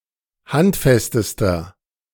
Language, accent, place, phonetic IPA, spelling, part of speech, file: German, Germany, Berlin, [ˈhantˌfɛstəstɐ], handfestester, adjective, De-handfestester.ogg
- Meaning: inflection of handfest: 1. strong/mixed nominative masculine singular superlative degree 2. strong genitive/dative feminine singular superlative degree 3. strong genitive plural superlative degree